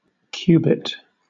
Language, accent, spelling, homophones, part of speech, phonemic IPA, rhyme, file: English, Southern England, cubit, qubit, noun, /ˈkjuː.bɪt/, -uːbɪt, LL-Q1860 (eng)-cubit.wav
- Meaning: 1. The distance from the elbow to the tip of the middle finger used as an informal unit of length 2. Any of various units of length approximating this distance, usually around 35–60 cm